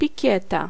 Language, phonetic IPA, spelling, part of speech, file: Polish, [pʲiˈcɛta], pikieta, noun, Pl-pikieta.ogg